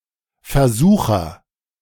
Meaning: tempter
- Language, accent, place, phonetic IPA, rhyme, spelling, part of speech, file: German, Germany, Berlin, [fɛɐ̯ˈzuːxɐ], -uːxɐ, Versucher, noun, De-Versucher.ogg